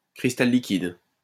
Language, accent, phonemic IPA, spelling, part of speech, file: French, France, /kʁis.tal li.kid/, cristal liquide, noun, LL-Q150 (fra)-cristal liquide.wav
- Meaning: liquid crystal (phase of matter)